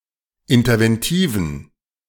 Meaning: inflection of interventiv: 1. strong genitive masculine/neuter singular 2. weak/mixed genitive/dative all-gender singular 3. strong/weak/mixed accusative masculine singular 4. strong dative plural
- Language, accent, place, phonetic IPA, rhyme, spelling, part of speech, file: German, Germany, Berlin, [ɪntɐvɛnˈtiːvn̩], -iːvn̩, interventiven, adjective, De-interventiven.ogg